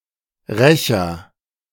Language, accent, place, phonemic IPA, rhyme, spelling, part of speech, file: German, Germany, Berlin, /ˈʁɛçɐ/, -ɛçɐ, Rächer, noun, De-Rächer.ogg
- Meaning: 1. agent noun of rächen 2. agent noun of rächen: avenger, revenger, retaliator